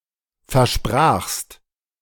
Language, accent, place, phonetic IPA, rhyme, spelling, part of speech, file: German, Germany, Berlin, [fɛɐ̯ˈʃpʁaːxst], -aːxst, versprachst, verb, De-versprachst.ogg
- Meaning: second-person singular preterite of versprechen